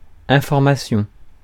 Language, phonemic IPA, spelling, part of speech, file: French, /ɛ̃.fɔʁ.ma.sjɔ̃/, information, noun, Fr-information.ogg
- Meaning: 1. piece of information] 2. news 3. information